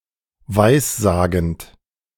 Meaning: present participle of weissagen
- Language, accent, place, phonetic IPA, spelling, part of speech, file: German, Germany, Berlin, [ˈvaɪ̯sˌzaːɡn̩t], weissagend, verb, De-weissagend.ogg